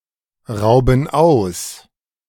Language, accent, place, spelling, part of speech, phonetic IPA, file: German, Germany, Berlin, rauben aus, verb, [ˌʁaʊ̯bn̩ ˈaʊ̯s], De-rauben aus.ogg
- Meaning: inflection of ausrauben: 1. first/third-person plural present 2. first/third-person plural subjunctive I